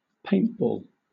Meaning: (noun) 1. A sport where teams shoot each other with gelatin capsules filled with paint-like dye 2. The dye-filled capsule fired in the sport of paintball; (verb) To engage in the sport of paintball
- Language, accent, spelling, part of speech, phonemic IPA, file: English, Southern England, paintball, noun / verb, /ˈpeɪntbɔːl/, LL-Q1860 (eng)-paintball.wav